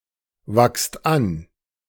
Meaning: inflection of anwachsen: 1. second-person plural present 2. plural imperative
- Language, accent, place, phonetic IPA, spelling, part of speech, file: German, Germany, Berlin, [ˌvakst ˈan], wachst an, verb, De-wachst an.ogg